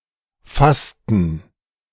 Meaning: inflection of fassen: 1. first/third-person plural preterite 2. first/third-person plural subjunctive II
- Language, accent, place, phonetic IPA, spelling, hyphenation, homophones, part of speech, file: German, Germany, Berlin, [ˈfastn̩], fassten, fass‧ten, fasten, verb, De-fassten.ogg